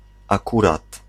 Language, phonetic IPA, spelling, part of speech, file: Polish, [aˈkurat], akurat, particle / adverb / interjection, Pl-akurat.ogg